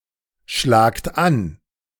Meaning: second-person plural present of anschlagen
- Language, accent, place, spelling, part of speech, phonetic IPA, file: German, Germany, Berlin, schlagt an, verb, [ˌʃlaːkt ˈan], De-schlagt an.ogg